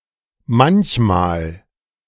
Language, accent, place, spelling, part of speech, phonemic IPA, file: German, Germany, Berlin, manchmal, adverb, /ˈmançmaːl/, De-manchmal.ogg
- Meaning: sometimes